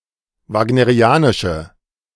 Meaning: inflection of wagnerianisch: 1. strong/mixed nominative/accusative feminine singular 2. strong nominative/accusative plural 3. weak nominative all-gender singular
- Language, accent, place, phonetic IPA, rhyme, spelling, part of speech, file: German, Germany, Berlin, [ˌvaːɡnəʁiˈaːnɪʃə], -aːnɪʃə, wagnerianische, adjective, De-wagnerianische.ogg